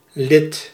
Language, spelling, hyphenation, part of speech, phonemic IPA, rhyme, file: Dutch, lid, lid, noun, /lɪt/, -ɪt, Nl-lid.ogg
- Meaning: 1. member (of a group) 2. member, limb (extremity of a body) 3. member, penis 4. paragraph, subsection (legislative drafting) 5. article, particularly in the Southern diminutive form ledeken